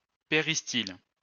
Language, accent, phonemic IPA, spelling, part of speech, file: French, France, /pe.ʁis.til/, péristyle, noun, LL-Q150 (fra)-péristyle.wav
- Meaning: peristyle